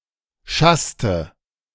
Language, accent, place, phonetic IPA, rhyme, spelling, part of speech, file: German, Germany, Berlin, [ˈʃastə], -astə, schasste, verb, De-schasste.ogg
- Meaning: inflection of schassen: 1. first/third-person singular preterite 2. first/third-person singular subjunctive II